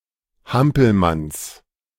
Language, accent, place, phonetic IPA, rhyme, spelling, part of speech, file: German, Germany, Berlin, [ˈhampl̩mans], -ampl̩mans, Hampelmanns, noun, De-Hampelmanns.ogg
- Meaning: genitive singular of Hampelmann